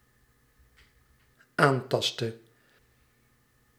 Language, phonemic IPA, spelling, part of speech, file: Dutch, /ˈantɑstə/, aantastte, verb, Nl-aantastte.ogg
- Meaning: inflection of aantasten: 1. singular dependent-clause past indicative 2. singular dependent-clause past subjunctive